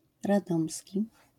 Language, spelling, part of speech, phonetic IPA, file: Polish, radomski, adjective / noun, [raˈdɔ̃msʲci], LL-Q809 (pol)-radomski.wav